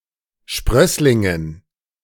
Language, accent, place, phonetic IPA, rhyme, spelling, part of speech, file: German, Germany, Berlin, [ˈʃpʁœslɪŋən], -œslɪŋən, Sprösslingen, noun, De-Sprösslingen.ogg
- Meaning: dative plural of Sprössling